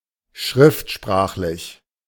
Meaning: 1. literary (of language) 2. standard (of language)
- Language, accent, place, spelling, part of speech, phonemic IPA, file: German, Germany, Berlin, schriftsprachlich, adjective, /ˈʃʁɪftˌʃpʁaːχlɪç/, De-schriftsprachlich.ogg